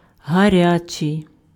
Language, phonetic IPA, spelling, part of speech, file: Ukrainian, [ɦɐˈrʲat͡ʃei̯], гарячий, adjective, Uk-гарячий.ogg
- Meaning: hot